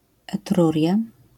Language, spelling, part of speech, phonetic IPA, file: Polish, Etruria, proper noun, [ɛˈtrurʲja], LL-Q809 (pol)-Etruria.wav